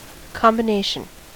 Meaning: 1. The act of combining, the state of being combined or the result of combining 2. An object formed by combining 3. A sequence of numbers or letters used to open a combination lock
- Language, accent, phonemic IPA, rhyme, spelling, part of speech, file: English, US, /ˌkɑmbɪˈneɪʃən/, -eɪʃən, combination, noun, En-us-combination.ogg